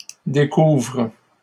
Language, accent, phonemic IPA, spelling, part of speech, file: French, Canada, /de.kuvʁ/, découvre, verb, LL-Q150 (fra)-découvre.wav
- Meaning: inflection of découvrir: 1. first/third-person singular present indicative/subjunctive 2. second-person singular imperative